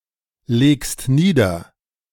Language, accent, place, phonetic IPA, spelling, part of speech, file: German, Germany, Berlin, [ˌleːkst ˈniːdɐ], legst nieder, verb, De-legst nieder.ogg
- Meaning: second-person singular present of niederlegen